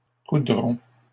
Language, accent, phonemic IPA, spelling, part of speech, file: French, Canada, /ku.dʁɔ̃/, coudront, verb, LL-Q150 (fra)-coudront.wav
- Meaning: third-person plural simple future of coudre